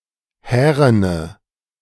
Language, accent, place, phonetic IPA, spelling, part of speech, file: German, Germany, Berlin, [ˈhɛːʁənə], härene, adjective, De-härene.ogg
- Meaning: inflection of hären: 1. strong/mixed nominative/accusative feminine singular 2. strong nominative/accusative plural 3. weak nominative all-gender singular 4. weak accusative feminine/neuter singular